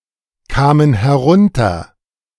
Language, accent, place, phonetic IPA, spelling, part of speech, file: German, Germany, Berlin, [ˌkaːmən hɛˈʁʊntɐ], kamen herunter, verb, De-kamen herunter.ogg
- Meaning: first/third-person plural preterite of herunterkommen